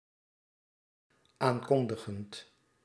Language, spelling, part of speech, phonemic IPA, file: Dutch, aankondigend, verb, /ˈaŋkɔndəɣənt/, Nl-aankondigend.ogg
- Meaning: present participle of aankondigen